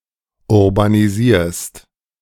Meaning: second-person singular present of urbanisieren
- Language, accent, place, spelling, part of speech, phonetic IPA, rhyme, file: German, Germany, Berlin, urbanisierst, verb, [ʊʁbaniˈziːɐ̯st], -iːɐ̯st, De-urbanisierst.ogg